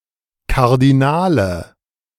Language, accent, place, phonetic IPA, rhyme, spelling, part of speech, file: German, Germany, Berlin, [kaʁdiˈnaːlə], -aːlə, Kardinale, noun, De-Kardinale.ogg
- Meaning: cardinal (numerale cardinale)